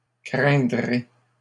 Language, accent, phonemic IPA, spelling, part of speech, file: French, Canada, /kʁɛ̃.dʁe/, craindrez, verb, LL-Q150 (fra)-craindrez.wav
- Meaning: second-person plural future of craindre